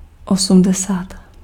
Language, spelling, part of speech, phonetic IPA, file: Czech, osmdesát, numeral, [ˈosm̩dɛsaːt], Cs-osmdesát.ogg
- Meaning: eighty (80)